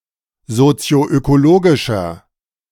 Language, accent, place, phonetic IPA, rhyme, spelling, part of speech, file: German, Germany, Berlin, [zot͡si̯oʔøkoˈloːɡɪʃɐ], -oːɡɪʃɐ, sozioökologischer, adjective, De-sozioökologischer.ogg
- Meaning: inflection of sozioökologisch: 1. strong/mixed nominative masculine singular 2. strong genitive/dative feminine singular 3. strong genitive plural